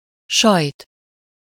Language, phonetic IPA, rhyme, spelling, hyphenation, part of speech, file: Hungarian, [ˈʃɒjt], -ɒjt, sajt, sajt, noun, Hu-sajt.ogg
- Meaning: cheese (a dairy product made from curdled or cultured milk)